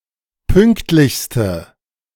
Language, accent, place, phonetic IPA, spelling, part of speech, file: German, Germany, Berlin, [ˈpʏŋktlɪçstə], pünktlichste, adjective, De-pünktlichste.ogg
- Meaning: inflection of pünktlich: 1. strong/mixed nominative/accusative feminine singular superlative degree 2. strong nominative/accusative plural superlative degree